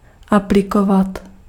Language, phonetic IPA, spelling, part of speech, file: Czech, [ˈaplɪkovat], aplikovat, verb, Cs-aplikovat.ogg
- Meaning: apply, utilize